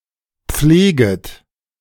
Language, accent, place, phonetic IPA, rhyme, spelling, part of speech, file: German, Germany, Berlin, [ˈp͡fleːɡət], -eːɡət, pfleget, verb, De-pfleget.ogg
- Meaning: second-person plural subjunctive I of pflegen